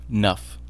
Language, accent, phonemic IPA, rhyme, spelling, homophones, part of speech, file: English, US, /nʌf/, -ʌf, 'nuff, knuff, determiner / adverb, En-us-'nuff.ogg
- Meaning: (determiner) Enough